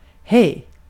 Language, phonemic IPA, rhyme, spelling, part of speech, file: Swedish, /ˈhɛjː/, -ɛj, hej, interjection, Sv-hej.ogg
- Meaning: 1. hi, hello 2. bye 3. An expression of intensity (in some expressions); hey 4. A filler, in some expressions; hey